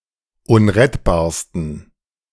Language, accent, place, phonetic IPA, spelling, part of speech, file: German, Germany, Berlin, [ˈʊnʁɛtbaːɐ̯stn̩], unrettbarsten, adjective, De-unrettbarsten.ogg
- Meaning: 1. superlative degree of unrettbar 2. inflection of unrettbar: strong genitive masculine/neuter singular superlative degree